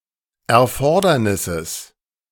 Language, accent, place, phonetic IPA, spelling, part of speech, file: German, Germany, Berlin, [ɛɐ̯ˈfɔʁdɐnɪsəs], Erfordernisses, noun, De-Erfordernisses.ogg
- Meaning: genitive of Erfordernis